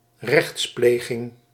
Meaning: judicial procedure
- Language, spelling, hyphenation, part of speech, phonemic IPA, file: Dutch, rechtspleging, rechts‧ple‧ging, noun, /ˈrɛx(t)splexɪŋ/, Nl-rechtspleging.ogg